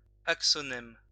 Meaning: axoneme
- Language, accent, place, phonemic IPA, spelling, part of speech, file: French, France, Lyon, /ak.sɔ.nɛm/, axonème, noun, LL-Q150 (fra)-axonème.wav